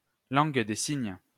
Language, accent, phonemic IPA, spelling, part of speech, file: French, France, /lɑ̃ɡ de siɲ/, langue des signes, noun, LL-Q150 (fra)-langue des signes.wav
- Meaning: sign language